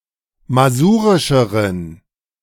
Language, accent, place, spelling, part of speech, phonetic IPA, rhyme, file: German, Germany, Berlin, masurischeren, adjective, [maˈzuːʁɪʃəʁən], -uːʁɪʃəʁən, De-masurischeren.ogg
- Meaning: inflection of masurisch: 1. strong genitive masculine/neuter singular comparative degree 2. weak/mixed genitive/dative all-gender singular comparative degree